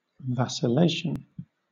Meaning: 1. Indecision in speech or action 2. Changing location by moving back and forth
- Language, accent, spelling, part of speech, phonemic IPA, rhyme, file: English, Southern England, vacillation, noun, /væsɪˈleɪʃən/, -eɪʃən, LL-Q1860 (eng)-vacillation.wav